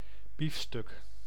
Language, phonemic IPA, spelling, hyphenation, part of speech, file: Dutch, /ˈbifˌstʏk/, biefstuk, bief‧stuk, noun, Nl-biefstuk.ogg
- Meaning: beefsteak, steak